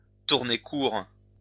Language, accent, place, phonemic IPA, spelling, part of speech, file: French, France, Lyon, /tuʁ.ne kuʁ/, tourner court, verb, LL-Q150 (fra)-tourner court.wav
- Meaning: to stop suddenly, come to a sudden end